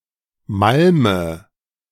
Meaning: inflection of malmen: 1. first-person singular present 2. first/third-person singular subjunctive I 3. singular imperative
- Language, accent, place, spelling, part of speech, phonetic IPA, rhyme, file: German, Germany, Berlin, malme, verb, [ˈmalmə], -almə, De-malme.ogg